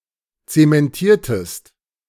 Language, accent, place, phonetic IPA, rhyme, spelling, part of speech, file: German, Germany, Berlin, [ˌt͡semɛnˈtiːɐ̯təst], -iːɐ̯təst, zementiertest, verb, De-zementiertest.ogg
- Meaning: inflection of zementieren: 1. second-person singular preterite 2. second-person singular subjunctive II